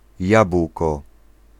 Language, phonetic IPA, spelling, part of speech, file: Polish, [ˈjap.w̥kɔ], jabłko, noun, Pl-jabłko.ogg